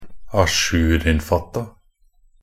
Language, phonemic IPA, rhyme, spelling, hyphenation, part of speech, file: Norwegian Bokmål, /aˈʃʉːrɪnfatːa/, -atːa, ajourinnfatta, a‧jour‧inn‧fat‧ta, adjective, Nb-ajourinnfatta.ogg
- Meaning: enframed so that the top and bottom are free